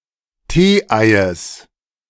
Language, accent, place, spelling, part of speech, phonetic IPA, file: German, Germany, Berlin, Teeeies, noun, [ˈteːˌʔaɪ̯əs], De-Teeeies.ogg
- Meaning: genitive singular of Teeei